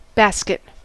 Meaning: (noun) A lightweight woven container, generally round, open at the top, and tapering toward the bottom
- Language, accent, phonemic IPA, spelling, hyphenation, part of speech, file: English, US, /ˈbæskɪt/, basket, bas‧ket, noun / verb, En-us-basket.ogg